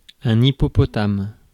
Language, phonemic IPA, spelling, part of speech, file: French, /i.pɔ.pɔ.tam/, hippopotame, noun, Fr-hippopotame.ogg
- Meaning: 1. hippopotamus 2. an overweight person